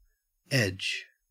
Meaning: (noun) 1. The boundary line of a surface 2. A one-dimensional face of a polytope. In particular, the joining line between two vertices of a polygon; the place where two faces of a polyhedron meet
- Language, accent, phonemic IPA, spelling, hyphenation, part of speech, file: English, Australia, /ed͡ʒ/, edge, edge, noun / verb, En-au-edge.ogg